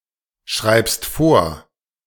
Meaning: second-person singular present of vorschreiben
- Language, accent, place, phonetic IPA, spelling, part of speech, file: German, Germany, Berlin, [ˌʃʁaɪ̯pst ˈfoːɐ̯], schreibst vor, verb, De-schreibst vor.ogg